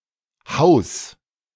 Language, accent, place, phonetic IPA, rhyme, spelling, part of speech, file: German, Germany, Berlin, [haʊ̯s], -aʊ̯s, haus, verb, De-haus.ogg
- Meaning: 1. singular imperative of hausen 2. first-person singular present of hausen